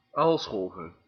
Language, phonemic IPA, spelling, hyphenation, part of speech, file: Dutch, /ˈaːlˌsxɔl.vər/, aalscholver, aal‧schol‧ver, noun, Nl-aalscholver.ogg
- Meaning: 1. cormorant (a kind of seabird) 2. great cormorant, (Phalacrocorax carbo)